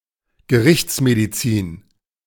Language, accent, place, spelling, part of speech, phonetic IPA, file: German, Germany, Berlin, Gerichtsmedizin, noun, [ɡəˈʁɪçt͡smediˌt͡siːn], De-Gerichtsmedizin.ogg
- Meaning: medical jurisprudence